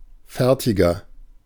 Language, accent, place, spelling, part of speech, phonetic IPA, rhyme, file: German, Germany, Berlin, fertiger, adjective, [ˈfɛʁtɪɡɐ], -ɛʁtɪɡɐ, De-fertiger.ogg
- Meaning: 1. comparative degree of fertig 2. inflection of fertig: strong/mixed nominative masculine singular 3. inflection of fertig: strong genitive/dative feminine singular